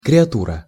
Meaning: creation, protégé
- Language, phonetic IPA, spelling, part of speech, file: Russian, [krʲɪɐˈturə], креатура, noun, Ru-креатура.ogg